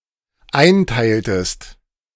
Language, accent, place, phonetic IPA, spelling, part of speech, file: German, Germany, Berlin, [ˈaɪ̯nˌtaɪ̯ltəst], einteiltest, verb, De-einteiltest.ogg
- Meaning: inflection of einteilen: 1. second-person singular dependent preterite 2. second-person singular dependent subjunctive II